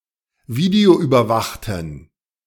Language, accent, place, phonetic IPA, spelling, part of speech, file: German, Germany, Berlin, [ˈviːdeoʔyːbɐˌvaxtn̩], videoüberwachten, adjective, De-videoüberwachten.ogg
- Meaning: inflection of videoüberwacht: 1. strong genitive masculine/neuter singular 2. weak/mixed genitive/dative all-gender singular 3. strong/weak/mixed accusative masculine singular 4. strong dative plural